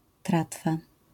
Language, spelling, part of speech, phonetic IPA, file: Polish, tratwa, noun, [ˈtratfa], LL-Q809 (pol)-tratwa.wav